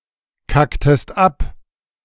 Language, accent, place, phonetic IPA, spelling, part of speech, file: German, Germany, Berlin, [ˌkaktəst ˈap], kacktest ab, verb, De-kacktest ab.ogg
- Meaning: inflection of abkacken: 1. second-person singular preterite 2. second-person singular subjunctive II